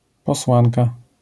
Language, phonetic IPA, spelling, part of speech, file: Polish, [pɔˈswãnka], posłanka, noun, LL-Q809 (pol)-posłanka.wav